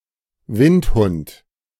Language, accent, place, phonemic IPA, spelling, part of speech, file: German, Germany, Berlin, /ˈvɪnthʊnt/, Windhund, noun, De-Windhund.ogg
- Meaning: 1. sighthound, gazehound, (US) greyhound 2. rake